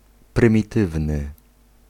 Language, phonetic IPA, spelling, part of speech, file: Polish, [ˌprɨ̃mʲiˈtɨvnɨ], prymitywny, adjective, Pl-prymitywny.ogg